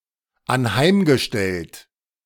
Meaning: past participle of anheimstellen
- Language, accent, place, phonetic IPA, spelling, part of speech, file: German, Germany, Berlin, [anˈhaɪ̯mɡəˌʃtɛlt], anheimgestellt, verb, De-anheimgestellt.ogg